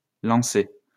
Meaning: inflection of lancer: 1. second-person plural present indicative 2. second-person plural imperative
- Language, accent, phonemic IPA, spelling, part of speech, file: French, France, /lɑ̃.se/, lancez, verb, LL-Q150 (fra)-lancez.wav